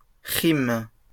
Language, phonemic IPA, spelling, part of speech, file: French, /ʁim/, rimes, noun / verb, LL-Q150 (fra)-rimes.wav
- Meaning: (noun) plural of rime; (verb) second-person singular present indicative/subjunctive of rimer